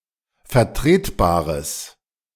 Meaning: strong/mixed nominative/accusative neuter singular of vertretbar
- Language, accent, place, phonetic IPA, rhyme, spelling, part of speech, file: German, Germany, Berlin, [fɛɐ̯ˈtʁeːtˌbaːʁəs], -eːtbaːʁəs, vertretbares, adjective, De-vertretbares.ogg